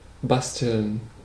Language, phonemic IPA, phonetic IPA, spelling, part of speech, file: German, /ˈbastəln/, [ˈbastl̩n], basteln, verb, De-basteln.ogg